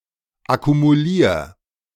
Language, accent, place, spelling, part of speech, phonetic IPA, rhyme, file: German, Germany, Berlin, akkumulier, verb, [akumuˈliːɐ̯], -iːɐ̯, De-akkumulier.ogg
- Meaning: 1. singular imperative of akkumulieren 2. first-person singular present of akkumulieren